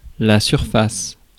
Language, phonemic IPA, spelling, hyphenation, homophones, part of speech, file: French, /syʁ.fas/, surface, sur‧face, surfaces / surfacent, noun, Fr-surface.ogg
- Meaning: surface